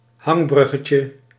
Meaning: diminutive of hangbrug
- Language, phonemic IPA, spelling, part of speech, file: Dutch, /ˈhɑŋbrʏɣəcə/, hangbruggetje, noun, Nl-hangbruggetje.ogg